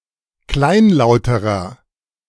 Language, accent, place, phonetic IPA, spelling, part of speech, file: German, Germany, Berlin, [ˈklaɪ̯nˌlaʊ̯təʁɐ], kleinlauterer, adjective, De-kleinlauterer.ogg
- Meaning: inflection of kleinlaut: 1. strong/mixed nominative masculine singular comparative degree 2. strong genitive/dative feminine singular comparative degree 3. strong genitive plural comparative degree